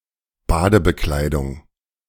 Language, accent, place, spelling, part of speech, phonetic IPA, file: German, Germany, Berlin, Badebekleidung, noun, [ˈbaːdəbəˌklaɪ̯dʊŋ], De-Badebekleidung.ogg
- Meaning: swimwear